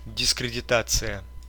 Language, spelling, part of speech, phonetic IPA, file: Russian, дискредитация, noun, [dʲɪskrʲɪdʲɪˈtat͡sɨjə], Ru-дискредита́ция.ogg
- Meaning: discredit, discrediting; defamation